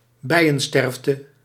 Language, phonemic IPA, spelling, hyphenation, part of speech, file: Dutch, /ˈbɛi̯ə(n)ˌstɛrftə/, bijensterfte, bij‧en‧sterf‧te, noun, Nl-bijensterfte.ogg
- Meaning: mass death of bees